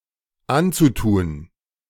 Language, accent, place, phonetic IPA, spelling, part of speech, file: German, Germany, Berlin, [ˈant͡suˌtuːn], anzutun, verb, De-anzutun.ogg
- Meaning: zu-infinitive of antun